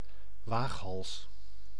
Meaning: a daredevil
- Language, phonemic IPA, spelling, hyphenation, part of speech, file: Dutch, /ˈʋaːxɦɑls/, waaghals, waag‧hals, noun, Nl-waaghals.ogg